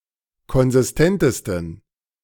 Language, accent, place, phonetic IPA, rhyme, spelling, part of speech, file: German, Germany, Berlin, [kɔnzɪsˈtɛntəstn̩], -ɛntəstn̩, konsistentesten, adjective, De-konsistentesten.ogg
- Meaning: 1. superlative degree of konsistent 2. inflection of konsistent: strong genitive masculine/neuter singular superlative degree